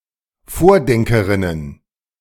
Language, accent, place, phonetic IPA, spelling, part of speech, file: German, Germany, Berlin, [ˈfoːɐ̯ˌdɛŋkəʁɪnən], Vordenkerinnen, noun, De-Vordenkerinnen.ogg
- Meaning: plural of Vordenkerin